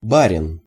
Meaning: boyar, barin, nobleman, gentleman, landlord (a rank of aristocracy in Russia)
- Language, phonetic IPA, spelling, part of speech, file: Russian, [ˈbarʲɪn], барин, noun, Ru-барин.ogg